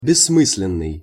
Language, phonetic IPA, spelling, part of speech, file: Russian, [bʲɪsːˈmɨs⁽ʲ⁾lʲɪn(ː)ɨj], бессмысленный, adjective, Ru-бессмысленный.ogg
- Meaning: meaningless; pointless; nonsensical